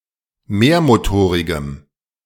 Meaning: strong dative masculine/neuter singular of mehrmotorig
- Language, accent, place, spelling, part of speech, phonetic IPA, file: German, Germany, Berlin, mehrmotorigem, adjective, [ˈmeːɐ̯moˌtoːʁɪɡəm], De-mehrmotorigem.ogg